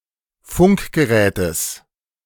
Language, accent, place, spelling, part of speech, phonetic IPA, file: German, Germany, Berlin, Funkgerätes, noun, [ˈfʊŋkɡəˌʁɛːtəs], De-Funkgerätes.ogg
- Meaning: genitive singular of Funkgerät